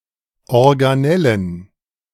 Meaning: plural of Organelle
- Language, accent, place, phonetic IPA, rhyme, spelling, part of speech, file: German, Germany, Berlin, [ɔʁɡaˈnɛlən], -ɛlən, Organellen, noun, De-Organellen.ogg